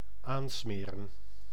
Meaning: to palm off (on/to)
- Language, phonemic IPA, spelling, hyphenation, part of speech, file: Dutch, /ˈaːnˌsmeː.rə(n)/, aansmeren, aan‧sme‧ren, verb, Nl-aansmeren.ogg